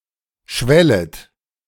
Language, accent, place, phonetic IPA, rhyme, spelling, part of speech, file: German, Germany, Berlin, [ˈʃvɛlət], -ɛlət, schwellet, verb, De-schwellet.ogg
- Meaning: second-person plural subjunctive I of schwellen